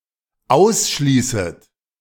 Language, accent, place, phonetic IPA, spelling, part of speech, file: German, Germany, Berlin, [ˈaʊ̯sˌʃliːsət], ausschließet, verb, De-ausschließet.ogg
- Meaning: second-person plural dependent subjunctive I of ausschließen